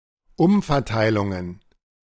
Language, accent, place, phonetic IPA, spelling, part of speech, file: German, Germany, Berlin, [ˈʊmfɛɐ̯ˌtaɪ̯lʊŋən], Umverteilungen, noun, De-Umverteilungen.ogg
- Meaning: plural of Umverteilung